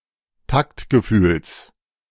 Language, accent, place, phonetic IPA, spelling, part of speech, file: German, Germany, Berlin, [ˈtaktɡəˌfyːls], Taktgefühls, noun, De-Taktgefühls.ogg
- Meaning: genitive of Taktgefühl